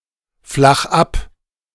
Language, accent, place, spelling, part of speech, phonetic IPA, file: German, Germany, Berlin, flach ab, verb, [ˌflax ˈap], De-flach ab.ogg
- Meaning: 1. singular imperative of abflachen 2. first-person singular present of abflachen